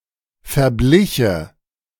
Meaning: first/third-person singular subjunctive II of verbleichen
- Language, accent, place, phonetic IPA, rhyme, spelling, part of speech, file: German, Germany, Berlin, [fɛɐ̯ˈblɪçə], -ɪçə, verbliche, verb, De-verbliche.ogg